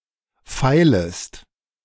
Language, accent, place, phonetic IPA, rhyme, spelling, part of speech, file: German, Germany, Berlin, [ˈfaɪ̯ləst], -aɪ̯ləst, feilest, verb, De-feilest.ogg
- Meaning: second-person singular subjunctive I of feilen